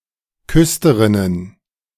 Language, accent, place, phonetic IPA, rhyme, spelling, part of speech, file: German, Germany, Berlin, [ˈkʏstəʁɪnən], -ʏstəʁɪnən, Küsterinnen, noun, De-Küsterinnen.ogg
- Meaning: plural of Küsterin